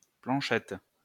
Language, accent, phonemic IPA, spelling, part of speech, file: French, France, /plɑ̃.ʃɛt/, planchette, noun, LL-Q150 (fra)-planchette.wav
- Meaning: small plank